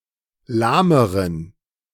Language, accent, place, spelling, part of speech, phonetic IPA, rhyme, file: German, Germany, Berlin, lahmeren, adjective, [ˈlaːməʁən], -aːməʁən, De-lahmeren.ogg
- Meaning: inflection of lahm: 1. strong genitive masculine/neuter singular comparative degree 2. weak/mixed genitive/dative all-gender singular comparative degree